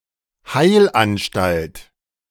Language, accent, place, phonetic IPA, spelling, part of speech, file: German, Germany, Berlin, [ˈhaɪ̯lʔanˌʃtalt], Heilanstalt, noun, De-Heilanstalt.ogg
- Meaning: sanatorium